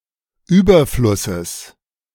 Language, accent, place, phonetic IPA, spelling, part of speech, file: German, Germany, Berlin, [ˈyːbɐflʊsəs], Überflusses, noun, De-Überflusses.ogg
- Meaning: genitive singular of Überfluss